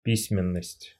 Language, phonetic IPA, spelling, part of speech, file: Russian, [ˈpʲisʲmʲɪn(ː)əsʲtʲ], письменность, noun, Ru-письменность.ogg
- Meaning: writing, writing system, script, written language